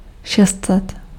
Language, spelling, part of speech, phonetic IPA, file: Czech, šest set, numeral, [ˈʃɛstsɛt], Cs-šest set.ogg
- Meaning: six hundred